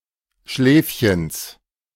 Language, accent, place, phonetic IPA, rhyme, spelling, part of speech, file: German, Germany, Berlin, [ˈʃlɛːfçəns], -ɛːfçəns, Schläfchens, noun, De-Schläfchens.ogg
- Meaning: genitive singular of Schläfchen